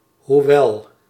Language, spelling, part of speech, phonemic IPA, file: Dutch, hoewel, conjunction, /huˈwɛl/, Nl-hoewel.ogg
- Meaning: 1. though, although 2. however